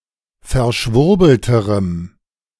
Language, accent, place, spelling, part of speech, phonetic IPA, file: German, Germany, Berlin, verschwurbelterem, adjective, [fɛɐ̯ˈʃvʊʁbl̩təʁəm], De-verschwurbelterem.ogg
- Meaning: strong dative masculine/neuter singular comparative degree of verschwurbelt